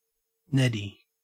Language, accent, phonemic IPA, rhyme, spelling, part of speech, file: English, Australia, /ˈnɛdi/, -ɛdi, neddy, noun, En-au-neddy.ogg
- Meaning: 1. A donkey or ass 2. A horse, especially a racehorse 3. The horse races 4. Horsepower 5. An idiot; a stupid or contemptible person 6. Alternative form of netty (“outhouse, lavatory, toilet”)